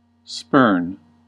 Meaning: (verb) 1. To reject disdainfully; contemn; scorn 2. To reject something by pushing it away with the foot 3. To waste; fail to make the most of (an opportunity) 4. To kick or toss up the heels
- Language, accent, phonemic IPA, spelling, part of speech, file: English, US, /spɝn/, spurn, verb / noun, En-us-spurn.ogg